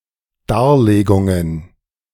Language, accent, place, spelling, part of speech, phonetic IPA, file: German, Germany, Berlin, Darlegungen, noun, [ˈdaːɐ̯ˌleːɡʊŋən], De-Darlegungen.ogg
- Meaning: plural of Darlegung